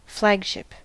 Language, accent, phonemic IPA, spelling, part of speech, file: English, US, /ˈflæɡʃɪp/, flagship, noun / verb, En-us-flagship.ogg
- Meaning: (noun) The ship occupied by the fleet's commander (usually an admiral); it denotes this by flying his flag